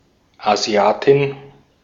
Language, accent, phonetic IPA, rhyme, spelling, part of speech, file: German, Austria, [aˈzi̯aːtɪn], -aːtɪn, Asiatin, noun, De-at-Asiatin.ogg
- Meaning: female Asian (girl or woman from Asia)